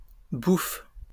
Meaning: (noun) 1. singer of comic operas (bouffes) 2. comic opera; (adjective) comic, amusing; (noun) grub (food); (verb) inflection of bouffer: first/third-person singular present indicative/subjunctive
- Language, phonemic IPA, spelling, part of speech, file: French, /buf/, bouffe, noun / adjective / verb, LL-Q150 (fra)-bouffe.wav